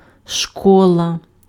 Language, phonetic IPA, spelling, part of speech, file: Ukrainian, [ˈʃkɔɫɐ], школа, noun, Uk-школа.ogg
- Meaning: 1. school 2. schoolhouse 3. school of thought 4. university